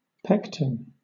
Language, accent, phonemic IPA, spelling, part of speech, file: English, Southern England, /ˈpɛktɪn/, pectin, noun, LL-Q1860 (eng)-pectin.wav
- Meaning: A plant-derived polysaccharide found in cell walls (especially in fruits) that forms a gel under acidic conditions and is commonly used to thicken foods like jam and jellies